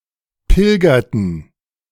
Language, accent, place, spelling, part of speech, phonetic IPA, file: German, Germany, Berlin, pilgerten, verb, [ˈpɪlɡɐtn̩], De-pilgerten.ogg
- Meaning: inflection of pilgern: 1. first/third-person plural preterite 2. first/third-person plural subjunctive II